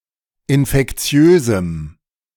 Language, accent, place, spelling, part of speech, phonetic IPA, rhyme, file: German, Germany, Berlin, infektiösem, adjective, [ɪnfɛkˈt͡si̯øːzm̩], -øːzm̩, De-infektiösem.ogg
- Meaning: strong dative masculine/neuter singular of infektiös